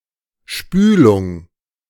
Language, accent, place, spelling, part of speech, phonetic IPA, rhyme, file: German, Germany, Berlin, Spülung, noun, [ˈʃpyːlʊŋ], -yːlʊŋ, De-Spülung.ogg
- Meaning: 1. flushing 2. rinsing 3. irrigation 4. hair conditioner